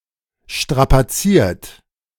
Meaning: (verb) past participle of strapazieren; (adjective) stressed (of hair); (verb) inflection of strapazieren: 1. third-person singular present 2. second-person plural present 3. plural imperative
- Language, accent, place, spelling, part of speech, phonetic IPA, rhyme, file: German, Germany, Berlin, strapaziert, verb, [ˌʃtʁapaˈt͡siːɐ̯t], -iːɐ̯t, De-strapaziert.ogg